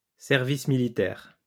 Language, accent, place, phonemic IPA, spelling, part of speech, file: French, France, Lyon, /sɛʁ.vis mi.li.tɛʁ/, service militaire, noun, LL-Q150 (fra)-service militaire.wav
- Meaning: military service